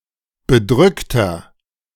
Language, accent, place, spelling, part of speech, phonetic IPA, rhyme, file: German, Germany, Berlin, bedrückter, adjective, [bəˈdʁʏktɐ], -ʏktɐ, De-bedrückter.ogg
- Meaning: inflection of bedrückt: 1. strong/mixed nominative masculine singular 2. strong genitive/dative feminine singular 3. strong genitive plural